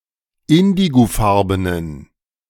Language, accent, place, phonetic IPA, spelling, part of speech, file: German, Germany, Berlin, [ˈɪndiɡoˌfaʁbənən], indigofarbenen, adjective, De-indigofarbenen.ogg
- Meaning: inflection of indigofarben: 1. strong genitive masculine/neuter singular 2. weak/mixed genitive/dative all-gender singular 3. strong/weak/mixed accusative masculine singular 4. strong dative plural